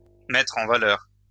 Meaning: 1. to highlight, to underline 2. to show to advantage
- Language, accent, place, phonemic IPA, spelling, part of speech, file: French, France, Lyon, /mɛtʁ ɑ̃ va.lœʁ/, mettre en valeur, verb, LL-Q150 (fra)-mettre en valeur.wav